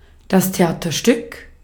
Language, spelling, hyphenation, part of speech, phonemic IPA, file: German, Theaterstück, The‧a‧ter‧stück, noun, /teˈʔaːtɐˌʃtʏk/, De-at-Theaterstück.ogg
- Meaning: drama, piece, play (theatrical performance)